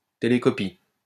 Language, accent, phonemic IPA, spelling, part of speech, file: French, France, /te.le.kɔ.pi/, télécopie, noun, LL-Q150 (fra)-télécopie.wav
- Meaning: fax (“message”)